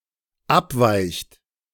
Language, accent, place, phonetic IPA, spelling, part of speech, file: German, Germany, Berlin, [ˈapˌvaɪ̯çt], abweicht, verb, De-abweicht.ogg
- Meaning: inflection of abweichen: 1. third-person singular dependent present 2. second-person plural dependent present